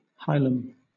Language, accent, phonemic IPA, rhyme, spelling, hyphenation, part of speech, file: English, Southern England, /ˈhaɪ.ləm/, -aɪləm, hilum, hi‧lum, noun, LL-Q1860 (eng)-hilum.wav
- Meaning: 1. The eye of a bean or other seed, or the center of that eye; the mark or scar at the point of attachment of an ovule or seed to its base or support 2. The nucleus of a starch grain